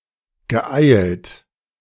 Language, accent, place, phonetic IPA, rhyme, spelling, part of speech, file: German, Germany, Berlin, [ɡəˈʔaɪ̯lt], -aɪ̯lt, geeilt, verb, De-geeilt.ogg
- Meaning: past participle of eilen